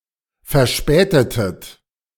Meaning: inflection of verspäten: 1. second-person plural preterite 2. second-person plural subjunctive II
- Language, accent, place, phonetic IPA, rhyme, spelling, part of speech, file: German, Germany, Berlin, [fɛɐ̯ˈʃpɛːtətət], -ɛːtətət, verspätetet, verb, De-verspätetet.ogg